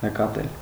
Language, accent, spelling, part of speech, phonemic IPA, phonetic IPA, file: Armenian, Eastern Armenian, նկատել, verb, /nəkɑˈtel/, [nəkɑtél], Hy-նկատել.ogg
- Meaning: 1. to note 2. to notice 3. to consider, to regard